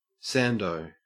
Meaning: Sandwich
- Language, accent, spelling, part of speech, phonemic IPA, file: English, Australia, sando, noun, /ˈsændoʊ/, En-au-sando.ogg